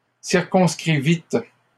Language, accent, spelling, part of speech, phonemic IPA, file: French, Canada, circonscrivîtes, verb, /siʁ.kɔ̃s.kʁi.vit/, LL-Q150 (fra)-circonscrivîtes.wav
- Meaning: second-person plural past historic of circonscrire